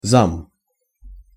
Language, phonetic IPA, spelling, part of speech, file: Russian, [zam], зам, noun, Ru-зам.ogg
- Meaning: deputy, assistant